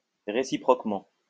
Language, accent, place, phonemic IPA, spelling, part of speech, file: French, France, Lyon, /ʁe.si.pʁɔk.mɑ̃/, réciproquement, adverb, LL-Q150 (fra)-réciproquement.wav
- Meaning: 1. reciprocally; one another; vice versa 2. conversely